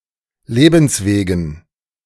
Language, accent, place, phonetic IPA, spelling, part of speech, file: German, Germany, Berlin, [ˈleːbn̩sˌveːɡn̩], Lebenswegen, noun, De-Lebenswegen.ogg
- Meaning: dative plural of Lebensweg